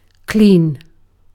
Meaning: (adjective) Free of dirt, filth, or impurities (extraneous matter); not dirty, filthy, or soiled
- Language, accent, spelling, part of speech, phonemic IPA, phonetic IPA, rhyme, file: English, UK, clean, adjective / noun / verb / adverb, /kliːn/, [kʰl̥iːn], -iːn, En-uk-clean.ogg